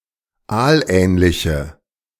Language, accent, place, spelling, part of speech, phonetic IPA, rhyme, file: German, Germany, Berlin, aalähnliche, adjective, [ˈaːlˌʔɛːnlɪçə], -aːlʔɛːnlɪçə, De-aalähnliche.ogg
- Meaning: inflection of aalähnlich: 1. strong/mixed nominative/accusative feminine singular 2. strong nominative/accusative plural 3. weak nominative all-gender singular